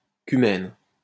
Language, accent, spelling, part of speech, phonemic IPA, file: French, France, cumène, noun, /ky.mɛn/, LL-Q150 (fra)-cumène.wav
- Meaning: cumene